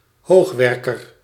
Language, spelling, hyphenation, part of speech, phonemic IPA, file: Dutch, hoogwerker, hoog‧wer‧ker, noun, /ˈɦoːxˌʋɛr.kər/, Nl-hoogwerker.ogg
- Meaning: aerial work platform